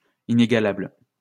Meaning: incomparable, matchless
- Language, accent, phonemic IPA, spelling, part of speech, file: French, France, /i.ne.ɡa.labl/, inégalable, adjective, LL-Q150 (fra)-inégalable.wav